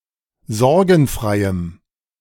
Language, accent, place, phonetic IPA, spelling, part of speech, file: German, Germany, Berlin, [ˈzɔʁɡn̩ˌfʁaɪ̯əm], sorgenfreiem, adjective, De-sorgenfreiem.ogg
- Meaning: strong dative masculine/neuter singular of sorgenfrei